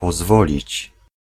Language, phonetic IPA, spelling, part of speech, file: Polish, [pɔˈzvɔlʲit͡ɕ], pozwolić, verb, Pl-pozwolić.ogg